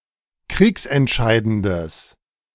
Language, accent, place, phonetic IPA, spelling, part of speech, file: German, Germany, Berlin, [ˈkʁiːksɛntˌʃaɪ̯dəndəs], kriegsentscheidendes, adjective, De-kriegsentscheidendes.ogg
- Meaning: strong/mixed nominative/accusative neuter singular of kriegsentscheidend